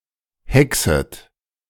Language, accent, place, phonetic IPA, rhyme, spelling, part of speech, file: German, Germany, Berlin, [ˈhɛksət], -ɛksət, hexet, verb, De-hexet.ogg
- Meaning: second-person plural subjunctive I of hexen